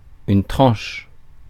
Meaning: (noun) 1. slice 2. edge of a book 3. spine of a book 4. edge of a coin; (verb) inflection of trancher: first/third-person singular present indicative/subjunctive
- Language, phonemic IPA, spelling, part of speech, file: French, /tʁɑ̃ʃ/, tranche, noun / verb, Fr-tranche.ogg